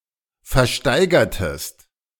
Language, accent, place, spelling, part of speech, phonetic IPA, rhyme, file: German, Germany, Berlin, versteigertest, verb, [fɛɐ̯ˈʃtaɪ̯ɡɐtəst], -aɪ̯ɡɐtəst, De-versteigertest.ogg
- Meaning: inflection of versteigern: 1. second-person singular preterite 2. second-person singular subjunctive II